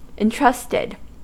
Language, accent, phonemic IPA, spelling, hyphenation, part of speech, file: English, US, /ɪnˈtɹʌstɪd/, entrusted, en‧trust‧ed, verb, En-us-entrusted.ogg
- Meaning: simple past and past participle of entrust